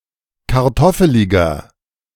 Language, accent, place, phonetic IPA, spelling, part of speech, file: German, Germany, Berlin, [kaʁˈtɔfəlɪɡɐ], kartoffeliger, adjective, De-kartoffeliger.ogg
- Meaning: 1. comparative degree of kartoffelig 2. inflection of kartoffelig: strong/mixed nominative masculine singular 3. inflection of kartoffelig: strong genitive/dative feminine singular